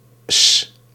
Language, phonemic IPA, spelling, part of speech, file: Dutch, /s/, -'s, suffix, Nl--'s.ogg
- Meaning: alternative form of -s, used when a word ends in a long vowel that would turn short if suffixed without the apostrophe: 1. forming plurals 2. forming the genitive